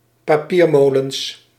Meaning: plural of papiermolen
- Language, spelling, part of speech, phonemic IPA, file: Dutch, papiermolens, noun, /paˈpirmoləns/, Nl-papiermolens.ogg